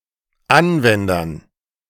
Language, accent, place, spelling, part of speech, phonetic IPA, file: German, Germany, Berlin, Anwendern, noun, [ˈanˌvɛndɐn], De-Anwendern.ogg
- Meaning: dative plural of Anwender